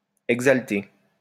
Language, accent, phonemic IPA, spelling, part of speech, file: French, France, /ɛɡ.zal.te/, exalté, verb, LL-Q150 (fra)-exalté.wav
- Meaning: past participle of exalter